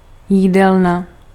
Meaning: 1. dining room 2. canteen, cafeteria
- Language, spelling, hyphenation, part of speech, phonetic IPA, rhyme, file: Czech, jídelna, jí‧del‧na, noun, [ˈjiːdɛlna], -ɛlna, Cs-jídelna.ogg